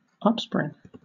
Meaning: 1. A spring or leap into the air 2. origin
- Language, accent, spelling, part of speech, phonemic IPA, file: English, Southern England, upspring, noun, /ˈʌpspɹɪŋ/, LL-Q1860 (eng)-upspring.wav